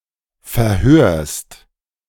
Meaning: second-person singular present of verhören
- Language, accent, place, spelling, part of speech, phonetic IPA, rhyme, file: German, Germany, Berlin, verhörst, verb, [fɛɐ̯ˈhøːɐ̯st], -øːɐ̯st, De-verhörst.ogg